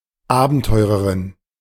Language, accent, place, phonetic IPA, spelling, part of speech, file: German, Germany, Berlin, [ˈaːbn̩tɔɪ̯ʁəʁɪn], Abenteurerin, noun, De-Abenteurerin.ogg
- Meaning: An adventuress, female adventurer